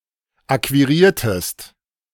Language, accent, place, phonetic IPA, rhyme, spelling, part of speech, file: German, Germany, Berlin, [ˌakviˈʁiːɐ̯təst], -iːɐ̯təst, akquiriertest, verb, De-akquiriertest.ogg
- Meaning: inflection of akquirieren: 1. second-person singular preterite 2. second-person singular subjunctive II